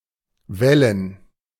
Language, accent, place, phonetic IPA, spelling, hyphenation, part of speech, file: German, Germany, Berlin, [ˈvɛlən], wellen, wel‧len, verb, De-wellen.ogg
- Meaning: 1. to wave 2. to roll